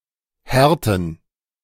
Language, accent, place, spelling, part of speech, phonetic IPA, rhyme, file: German, Germany, Berlin, Härten, noun, [ˈhɛʁtn̩], -ɛʁtn̩, De-Härten.ogg
- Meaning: plural of Härte